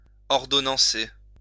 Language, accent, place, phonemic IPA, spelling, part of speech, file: French, France, Lyon, /ɔʁ.dɔ.nɑ̃.se/, ordonnancer, verb, LL-Q150 (fra)-ordonnancer.wav
- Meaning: to authorize